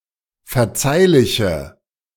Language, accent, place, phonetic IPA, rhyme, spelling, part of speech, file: German, Germany, Berlin, [fɛɐ̯ˈt͡saɪ̯lɪçə], -aɪ̯lɪçə, verzeihliche, adjective, De-verzeihliche.ogg
- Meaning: inflection of verzeihlich: 1. strong/mixed nominative/accusative feminine singular 2. strong nominative/accusative plural 3. weak nominative all-gender singular